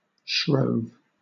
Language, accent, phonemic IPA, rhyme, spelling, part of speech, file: English, Southern England, /ʃɹəʊv/, -əʊv, shrove, verb, LL-Q1860 (eng)-shrove.wav
- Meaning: 1. simple past of shrive 2. To join in the festivities of Shrovetide 3. To make merry